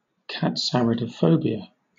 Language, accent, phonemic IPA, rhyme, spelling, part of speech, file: English, Southern England, /kætˌsæɹɪdəˈfəʊbiə/, -əʊbiə, katsaridaphobia, noun, LL-Q1860 (eng)-katsaridaphobia.wav
- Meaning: Fear or dislike of cockroaches